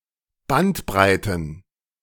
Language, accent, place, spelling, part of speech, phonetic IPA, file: German, Germany, Berlin, Bandbreiten, noun, [ˈbantˌbʁaɪ̯tn̩], De-Bandbreiten.ogg
- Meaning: plural of Bandbreite